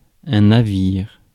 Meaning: ship
- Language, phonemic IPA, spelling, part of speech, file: French, /na.viʁ/, navire, noun, Fr-navire.ogg